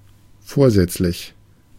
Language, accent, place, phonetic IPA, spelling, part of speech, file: German, Germany, Berlin, [ˈfoːɐ̯ˌzɛt͡slɪç], vorsätzlich, adjective, De-vorsätzlich.ogg
- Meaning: intentional, wilful, deliberate, premeditated